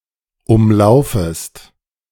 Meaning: second-person singular subjunctive I of umlaufen
- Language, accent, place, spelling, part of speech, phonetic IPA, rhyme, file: German, Germany, Berlin, umlaufest, verb, [ˈʊmˌlaʊ̯fəst], -ʊmlaʊ̯fəst, De-umlaufest.ogg